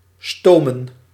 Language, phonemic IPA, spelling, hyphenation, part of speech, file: Dutch, /ˈstoː.mə(n)/, stomen, sto‧men, verb, Nl-stomen.ogg
- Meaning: 1. to be propelled by steam, to move while powered by a steam engine 2. to steam, to cook by means of steam 3. to steam, to clean by means of steam